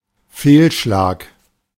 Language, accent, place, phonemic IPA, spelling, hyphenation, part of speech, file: German, Germany, Berlin, /ˈfeːlˌʃlaːk/, Fehlschlag, Fehl‧schlag, noun, De-Fehlschlag.ogg
- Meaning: failure, miss